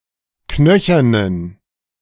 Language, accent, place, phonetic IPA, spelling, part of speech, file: German, Germany, Berlin, [ˈknœçɐnən], knöchernen, adjective, De-knöchernen.ogg
- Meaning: inflection of knöchern: 1. strong genitive masculine/neuter singular 2. weak/mixed genitive/dative all-gender singular 3. strong/weak/mixed accusative masculine singular 4. strong dative plural